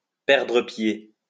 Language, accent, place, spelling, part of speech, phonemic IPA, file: French, France, Lyon, perdre pied, verb, /pɛʁ.dʁə pje/, LL-Q150 (fra)-perdre pied.wav
- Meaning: to get out of one's depth (to get in a body of water too deep for one to be able to touch the bottom)